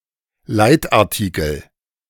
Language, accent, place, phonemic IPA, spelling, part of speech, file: German, Germany, Berlin, /ˈlaɪ̯taʁˌtiːkl̩/, Leitartikel, noun, De-Leitartikel.ogg
- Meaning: editorial, leading article, leader (The first, or the principal, editorial article in a newspaper.)